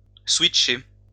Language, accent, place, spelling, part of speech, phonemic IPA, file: French, France, Lyon, switcher, verb, /swit.ʃe/, LL-Q150 (fra)-switcher.wav
- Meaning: to switch